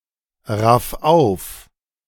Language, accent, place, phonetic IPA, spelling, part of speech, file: German, Germany, Berlin, [ˌʁaf ˈaʊ̯f], raff auf, verb, De-raff auf.ogg
- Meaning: 1. singular imperative of aufraffen 2. first-person singular present of aufraffen